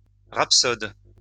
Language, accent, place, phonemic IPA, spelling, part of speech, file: French, France, Lyon, /ʁap.sɔd/, rhapsode, noun, LL-Q150 (fra)-rhapsode.wav
- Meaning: 1. rhapsodist 2. rhapsode